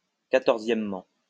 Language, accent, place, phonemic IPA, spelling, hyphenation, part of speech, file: French, France, Lyon, /ka.tɔʁ.zjɛm.mɑ̃/, quatorzièmement, qua‧tor‧zième‧ment, adverb, LL-Q150 (fra)-quatorzièmement.wav
- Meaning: fourteenthly